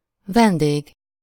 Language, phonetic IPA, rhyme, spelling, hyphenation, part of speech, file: Hungarian, [ˈvɛndeːɡ], -eːɡ, vendég, ven‧dég, noun, Hu-vendég.ogg
- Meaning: guest (a recipient of hospitality, specifically someone staying by invitation at the house of another)